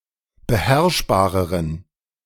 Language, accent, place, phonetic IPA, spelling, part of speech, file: German, Germany, Berlin, [bəˈhɛʁʃbaːʁəʁən], beherrschbareren, adjective, De-beherrschbareren.ogg
- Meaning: inflection of beherrschbar: 1. strong genitive masculine/neuter singular comparative degree 2. weak/mixed genitive/dative all-gender singular comparative degree